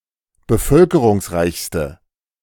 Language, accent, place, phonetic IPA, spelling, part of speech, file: German, Germany, Berlin, [bəˈfœlkəʁʊŋsˌʁaɪ̯çstə], bevölkerungsreichste, adjective, De-bevölkerungsreichste.ogg
- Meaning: inflection of bevölkerungsreich: 1. strong/mixed nominative/accusative feminine singular superlative degree 2. strong nominative/accusative plural superlative degree